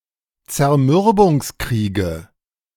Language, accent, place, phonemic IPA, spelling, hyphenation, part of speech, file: German, Germany, Berlin, /t͡sɛɐ̯ˈmʏʁbʊŋsˌkʁiːɡə/, Zermürbungskriege, Zer‧mür‧bungs‧krie‧ge, noun, De-Zermürbungskriege.ogg
- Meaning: 1. dative singular of Zermürbungskrieg 2. nominative genitive accusative plural of Zermürbungskrieg